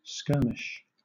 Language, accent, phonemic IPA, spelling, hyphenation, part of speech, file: English, Southern England, /ˈskɜːmɪʃ/, skirmish, skir‧mish, noun / verb, LL-Q1860 (eng)-skirmish.wav
- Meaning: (noun) 1. A brief battle between small groups, usually part of a longer or larger battle or war 2. Any minor dispute 3. A type of outdoor military style game using paintball or similar weapons